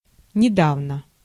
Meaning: recently, not long ago, lately
- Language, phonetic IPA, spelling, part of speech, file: Russian, [nʲɪˈdavnə], недавно, adverb, Ru-недавно.ogg